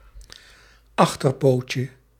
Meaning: diminutive of achterpoot
- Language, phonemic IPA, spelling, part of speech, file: Dutch, /ˈɑxtərpocə/, achterpootje, noun, Nl-achterpootje.ogg